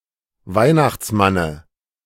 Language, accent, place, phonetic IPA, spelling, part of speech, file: German, Germany, Berlin, [ˈvaɪ̯naxt͡sˌmanə], Weihnachtsmanne, noun, De-Weihnachtsmanne.ogg
- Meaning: dative singular of Weihnachtsmann